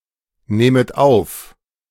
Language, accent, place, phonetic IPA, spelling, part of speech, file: German, Germany, Berlin, [ˌneːmət ˈaʊ̯f], nehmet auf, verb, De-nehmet auf.ogg
- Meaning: second-person plural subjunctive I of aufnehmen